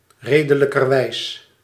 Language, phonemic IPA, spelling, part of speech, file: Dutch, /ˈredələkərˌwɛis/, redelijkerwijs, adverb, Nl-redelijkerwijs.ogg
- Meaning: reasonably